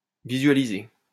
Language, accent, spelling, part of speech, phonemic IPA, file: French, France, visualiser, verb, /vi.zɥa.li.ze/, LL-Q150 (fra)-visualiser.wav
- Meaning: to visualize